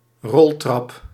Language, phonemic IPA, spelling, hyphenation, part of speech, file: Dutch, /ˈrɔl.trɑp/, roltrap, rol‧trap, noun, Nl-roltrap.ogg
- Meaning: escalator